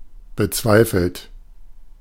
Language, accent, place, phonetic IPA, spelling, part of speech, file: German, Germany, Berlin, [bəˈt͡svaɪ̯fl̩t], bezweifelt, verb, De-bezweifelt.ogg
- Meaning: 1. past participle of bezweifeln 2. inflection of bezweifeln: third-person singular present 3. inflection of bezweifeln: second-person plural present 4. inflection of bezweifeln: plural imperative